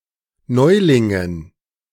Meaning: dative plural of Neuling
- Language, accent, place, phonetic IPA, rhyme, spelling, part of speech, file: German, Germany, Berlin, [ˈnɔɪ̯lɪŋən], -ɔɪ̯lɪŋən, Neulingen, proper noun / noun, De-Neulingen.ogg